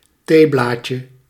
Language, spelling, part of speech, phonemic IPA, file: Dutch, theeblaadje, noun, /ˈteblacə/, Nl-theeblaadje.ogg
- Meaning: diminutive of theeblad